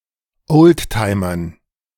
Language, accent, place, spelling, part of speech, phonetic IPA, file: German, Germany, Berlin, Oldtimern, noun, [ˈoːltˌtaɪ̯mɐn], De-Oldtimern.ogg
- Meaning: dative plural of Oldtimer